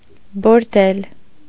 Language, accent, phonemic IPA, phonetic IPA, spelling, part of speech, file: Armenian, Eastern Armenian, /boɾˈdel/, [boɾdél], բորդել, noun, Hy-բորդել.ogg
- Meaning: brothel